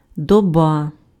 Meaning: 1. day, nychthemeron, day and night 2. time 3. epoch, era, period, age
- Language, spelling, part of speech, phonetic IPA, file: Ukrainian, доба, noun, [dɔˈba], Uk-доба.ogg